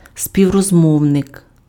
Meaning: interlocutor, collocutor
- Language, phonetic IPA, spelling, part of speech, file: Ukrainian, [sʲpʲiu̯rɔzˈmɔu̯nek], співрозмовник, noun, Uk-співрозмовник.ogg